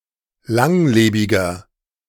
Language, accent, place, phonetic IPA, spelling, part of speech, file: German, Germany, Berlin, [ˈlaŋˌleːbɪɡɐ], langlebiger, adjective, De-langlebiger.ogg
- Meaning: 1. comparative degree of langlebig 2. inflection of langlebig: strong/mixed nominative masculine singular 3. inflection of langlebig: strong genitive/dative feminine singular